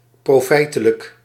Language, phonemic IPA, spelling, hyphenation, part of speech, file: Dutch, /ˌproːˈfɛi̯.tə.lək/, profijtelijk, pro‧fij‧te‧lijk, adjective, Nl-profijtelijk.ogg
- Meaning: profitable, advantageous